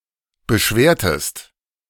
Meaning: inflection of beschweren: 1. second-person singular preterite 2. second-person singular subjunctive II
- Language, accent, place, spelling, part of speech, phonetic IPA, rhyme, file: German, Germany, Berlin, beschwertest, verb, [bəˈʃveːɐ̯təst], -eːɐ̯təst, De-beschwertest.ogg